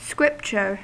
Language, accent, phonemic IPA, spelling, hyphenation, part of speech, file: English, US, /ˈskɹɪpt͡ʃɚ/, scripture, scrip‧ture, noun, En-us-scripture.ogg
- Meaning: 1. A sacred writing or holy book 2. An authoritative statement 3. A (short) passage or verse from the Bible 4. a Hindu liturgical text